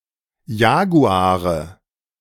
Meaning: nominative/accusative/genitive plural of Jaguar
- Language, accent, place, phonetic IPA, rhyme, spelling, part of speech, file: German, Germany, Berlin, [ˈjaːɡuaːʁə], -aːʁə, Jaguare, noun, De-Jaguare.ogg